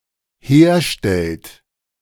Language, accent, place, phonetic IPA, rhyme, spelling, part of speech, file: German, Germany, Berlin, [ˈheːɐ̯ˌʃtɛlt], -eːɐ̯ʃtɛlt, herstellt, verb, De-herstellt.ogg
- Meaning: inflection of herstellen: 1. third-person singular dependent present 2. second-person plural dependent present